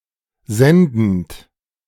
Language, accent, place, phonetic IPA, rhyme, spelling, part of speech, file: German, Germany, Berlin, [ˈzɛndn̩t], -ɛndn̩t, sendend, verb, De-sendend.ogg
- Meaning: present participle of senden